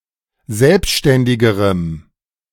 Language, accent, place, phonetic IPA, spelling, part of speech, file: German, Germany, Berlin, [ˈzɛlpʃtɛndɪɡəʁəm], selbständigerem, adjective, De-selbständigerem.ogg
- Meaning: strong dative masculine/neuter singular comparative degree of selbständig